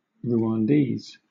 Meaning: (noun) A person from Rwanda or of Rwandese descent; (adjective) Of, from, or pertaining to Rwanda, the Rwandese people or language. See: Rwandan
- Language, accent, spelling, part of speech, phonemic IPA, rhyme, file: English, Southern England, Rwandese, noun / adjective, /ɹə.wænˈdiːz/, -iːz, LL-Q1860 (eng)-Rwandese.wav